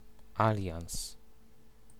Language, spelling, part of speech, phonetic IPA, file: Polish, alians, noun, [ˈalʲjãw̃s], Pl-alians.ogg